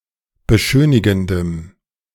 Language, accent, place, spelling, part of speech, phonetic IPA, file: German, Germany, Berlin, beschönigendem, adjective, [bəˈʃøːnɪɡn̩dəm], De-beschönigendem.ogg
- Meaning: strong dative masculine/neuter singular of beschönigend